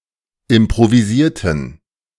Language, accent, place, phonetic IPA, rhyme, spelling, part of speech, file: German, Germany, Berlin, [ɪmpʁoviˈziːɐ̯tn̩], -iːɐ̯tn̩, improvisierten, adjective / verb, De-improvisierten.ogg
- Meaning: inflection of improvisieren: 1. first/third-person plural preterite 2. first/third-person plural subjunctive II